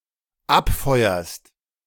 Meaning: second-person singular dependent present of abfeuern
- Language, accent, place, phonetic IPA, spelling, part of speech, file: German, Germany, Berlin, [ˈapˌfɔɪ̯ɐst], abfeuerst, verb, De-abfeuerst.ogg